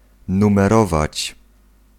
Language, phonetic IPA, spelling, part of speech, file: Polish, [ˌnũmɛˈrɔvat͡ɕ], numerować, verb, Pl-numerować.ogg